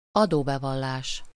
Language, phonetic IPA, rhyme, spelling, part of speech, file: Hungarian, [ˈɒdoːbɛvɒlːaːʃ], -aːʃ, adóbevallás, noun, Hu-adóbevallás.ogg
- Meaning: tax return